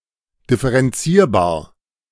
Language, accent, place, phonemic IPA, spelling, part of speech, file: German, Germany, Berlin, /dɪfəʁɛnˈtsiːɐ̯baːɐ̯/, differenzierbar, adjective, De-differenzierbar.ogg
- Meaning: differentiable (having a derivative)